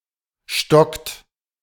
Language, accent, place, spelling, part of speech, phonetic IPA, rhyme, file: German, Germany, Berlin, stockt, verb, [ʃtɔkt], -ɔkt, De-stockt.ogg
- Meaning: inflection of stocken: 1. third-person singular present 2. second-person plural present 3. plural imperative